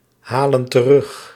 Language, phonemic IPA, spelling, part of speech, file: Dutch, /ˈhalə(n) t(ə)ˈrʏx/, halen terug, verb, Nl-halen terug.ogg
- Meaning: inflection of terughalen: 1. plural present indicative 2. plural present subjunctive